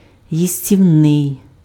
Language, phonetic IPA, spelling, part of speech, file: Ukrainian, [jisʲtʲiu̯ˈnɪi̯], їстівний, adjective, Uk-їстівний.ogg
- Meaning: edible, comestible